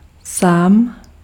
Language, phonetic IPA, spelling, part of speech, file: Czech, [ˈsaːm], sám, pronoun / adjective, Cs-sám.ogg
- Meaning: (pronoun) oneself, himself, herself, itself; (adjective) 1. alone, by oneself 2. lonely